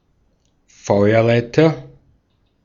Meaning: 1. fire ladder 2. fire escape
- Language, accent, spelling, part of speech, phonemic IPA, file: German, Austria, Feuerleiter, noun, /ˈfɔɪ̯ɐˌlaɪ̯tɐ/, De-at-Feuerleiter.ogg